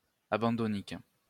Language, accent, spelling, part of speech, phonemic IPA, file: French, France, abandonnique, adjective, /a.bɑ̃.dɔ.nik/, LL-Q150 (fra)-abandonnique.wav
- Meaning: Suffering from, related to or typical of abandonment anxiety